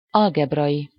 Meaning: algebraic
- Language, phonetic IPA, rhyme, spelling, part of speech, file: Hungarian, [ˈɒlɡɛbrɒji], -ji, algebrai, adjective, Hu-algebrai.ogg